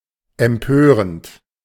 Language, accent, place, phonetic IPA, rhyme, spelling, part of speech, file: German, Germany, Berlin, [ɛmˈpøːʁənt], -øːʁənt, empörend, verb, De-empörend.ogg
- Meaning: present participle of empören